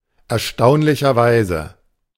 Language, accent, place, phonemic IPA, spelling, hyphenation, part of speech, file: German, Germany, Berlin, /ɛɐ̯ˈʃtaʊ̯nlɪçɐˌvaɪ̯zə/, erstaunlicherweise, er‧staun‧li‧cher‧wei‧se, adverb, De-erstaunlicherweise.ogg
- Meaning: amazingly, astonishingly, surprisingly